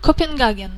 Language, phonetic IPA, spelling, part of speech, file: Russian, [kəpʲɪnˈɡaɡʲɪn], Копенгаген, proper noun, Ru-Копенгаген.ogg
- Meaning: Copenhagen (the capital city of Denmark)